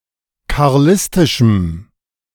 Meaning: strong dative masculine/neuter singular of karlistisch
- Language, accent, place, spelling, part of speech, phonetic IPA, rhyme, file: German, Germany, Berlin, karlistischem, adjective, [kaʁˈlɪstɪʃm̩], -ɪstɪʃm̩, De-karlistischem.ogg